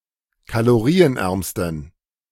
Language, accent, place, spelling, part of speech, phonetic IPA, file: German, Germany, Berlin, kalorienärmsten, adjective, [kaloˈʁiːənˌʔɛʁmstn̩], De-kalorienärmsten.ogg
- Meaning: superlative degree of kalorienarm